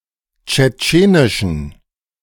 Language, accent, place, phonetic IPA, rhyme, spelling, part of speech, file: German, Germany, Berlin, [t͡ʃɛˈt͡ʃeːnɪʃn̩], -eːnɪʃn̩, tschetschenischen, adjective, De-tschetschenischen.ogg
- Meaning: inflection of tschetschenisch: 1. strong genitive masculine/neuter singular 2. weak/mixed genitive/dative all-gender singular 3. strong/weak/mixed accusative masculine singular 4. strong dative plural